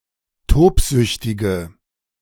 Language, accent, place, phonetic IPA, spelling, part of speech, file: German, Germany, Berlin, [ˈtoːpˌzʏçtɪɡə], tobsüchtige, adjective, De-tobsüchtige.ogg
- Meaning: inflection of tobsüchtig: 1. strong/mixed nominative/accusative feminine singular 2. strong nominative/accusative plural 3. weak nominative all-gender singular